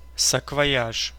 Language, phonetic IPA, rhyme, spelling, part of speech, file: Russian, [səkvɐˈjaʂ], -aʂ, саквояж, noun, Ru-саквояж.ogg
- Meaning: carpetbag (generally made from leather or heavy cloth)